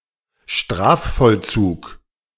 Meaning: execution of a sentence
- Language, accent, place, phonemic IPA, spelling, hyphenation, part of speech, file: German, Germany, Berlin, /ˈʃtʁaːffɔlˌt͡suːk/, Strafvollzug, Straf‧voll‧zug, noun, De-Strafvollzug.ogg